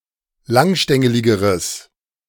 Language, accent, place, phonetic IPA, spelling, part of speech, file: German, Germany, Berlin, [ˈlaŋˌʃtɛŋəlɪɡəʁəs], langstängeligeres, adjective, De-langstängeligeres.ogg
- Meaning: strong/mixed nominative/accusative neuter singular comparative degree of langstängelig